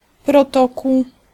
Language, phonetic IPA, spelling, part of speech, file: Polish, [prɔˈtɔkuw], protokół, noun, Pl-protokół.ogg